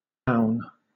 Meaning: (adjective) Ready, prepared; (verb) To make or get ready; prepare
- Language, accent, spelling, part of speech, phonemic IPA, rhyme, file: English, Southern England, boun, adjective / verb, /baʊn/, -aʊn, LL-Q1860 (eng)-boun.wav